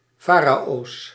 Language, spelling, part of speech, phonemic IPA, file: Dutch, farao's, noun, /ˈfaraos/, Nl-farao's.ogg
- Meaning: plural of farao